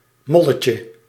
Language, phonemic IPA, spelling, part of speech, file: Dutch, /ˈmɔləcə/, molletje, noun, Nl-molletje.ogg
- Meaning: diminutive of mol